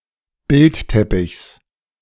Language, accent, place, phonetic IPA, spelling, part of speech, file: German, Germany, Berlin, [ˈbɪltˌtɛpɪçs], Bildteppichs, noun, De-Bildteppichs.ogg
- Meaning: genitive singular of Bildteppich